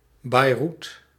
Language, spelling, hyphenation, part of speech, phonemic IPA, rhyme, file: Dutch, Beiroet, Bei‧roet, proper noun, /bɛi̯ˈrut/, -ut, Nl-Beiroet.ogg
- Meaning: Beirut (the capital city of Lebanon)